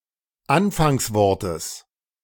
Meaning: genitive singular of Anfangswort
- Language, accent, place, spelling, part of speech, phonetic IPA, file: German, Germany, Berlin, Anfangswortes, noun, [ˈanfaŋsˌvɔʁtəs], De-Anfangswortes.ogg